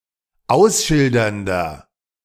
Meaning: inflection of ausschildernd: 1. strong/mixed nominative masculine singular 2. strong genitive/dative feminine singular 3. strong genitive plural
- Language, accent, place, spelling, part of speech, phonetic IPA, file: German, Germany, Berlin, ausschildernder, adjective, [ˈaʊ̯sˌʃɪldɐndɐ], De-ausschildernder.ogg